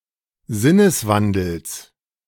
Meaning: genitive singular of Sinneswandel
- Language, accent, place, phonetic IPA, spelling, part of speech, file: German, Germany, Berlin, [ˈzɪnəsˌvandl̩s], Sinneswandels, noun, De-Sinneswandels.ogg